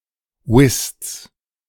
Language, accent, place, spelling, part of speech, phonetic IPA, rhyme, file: German, Germany, Berlin, Whists, noun, [vɪst͡s], -ɪst͡s, De-Whists.ogg
- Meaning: genitive singular of Whist